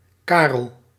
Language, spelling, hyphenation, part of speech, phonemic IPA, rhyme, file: Dutch, Karel, Ka‧rel, proper noun, /ˈkaːrəl/, -aːrəl, Nl-Karel.ogg
- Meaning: a male given name, equivalent to English Charles